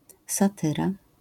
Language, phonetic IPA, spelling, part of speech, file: Polish, [saˈtɨra], satyra, noun, LL-Q809 (pol)-satyra.wav